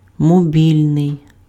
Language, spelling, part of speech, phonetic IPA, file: Ukrainian, мобільний, adjective, [moˈbʲilʲnei̯], Uk-мобільний.ogg
- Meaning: mobile